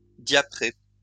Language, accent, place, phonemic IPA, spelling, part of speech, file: French, France, Lyon, /dja.pʁe/, diapré, verb / adjective, LL-Q150 (fra)-diapré.wav
- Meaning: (verb) past participle of diaprer; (adjective) multicoloured, variegated